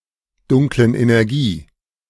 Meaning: genitive singular of Dunkle Energie
- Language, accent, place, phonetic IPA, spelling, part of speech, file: German, Germany, Berlin, [ˌdʊŋklən ʔenɛʁˈɡiː], Dunklen Energie, noun, De-Dunklen Energie.ogg